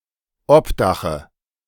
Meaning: dative of Obdach
- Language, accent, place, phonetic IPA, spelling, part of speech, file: German, Germany, Berlin, [ˈɔpˌdaxə], Obdache, noun, De-Obdache.ogg